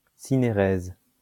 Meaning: 1. synaeresis (contraction of two vowels into a diphthong or a long vowel) 2. synaeresis (separating out of the liquid from a gel)
- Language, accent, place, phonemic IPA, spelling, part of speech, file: French, France, Lyon, /si.ne.ʁɛz/, synérèse, noun, LL-Q150 (fra)-synérèse.wav